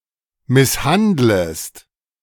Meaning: second-person singular subjunctive I of misshandeln
- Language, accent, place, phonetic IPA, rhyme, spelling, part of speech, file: German, Germany, Berlin, [ˌmɪsˈhandləst], -andləst, misshandlest, verb, De-misshandlest.ogg